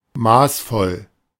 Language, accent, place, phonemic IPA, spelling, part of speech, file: German, Germany, Berlin, /ˈmaːsˌfɔl/, maßvoll, adjective, De-maßvoll.ogg
- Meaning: 1. moderate 2. restrained